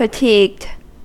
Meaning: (adjective) Tired; weary; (verb) simple past and past participle of fatigue
- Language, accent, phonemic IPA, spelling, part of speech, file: English, US, /fəˈtiːɡd/, fatigued, adjective / verb, En-us-fatigued.ogg